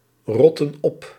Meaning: inflection of oprotten: 1. plural present/past indicative 2. plural present/past subjunctive
- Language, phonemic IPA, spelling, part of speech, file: Dutch, /ˈrɔtə(n) ˈɔp/, rotten op, verb, Nl-rotten op.ogg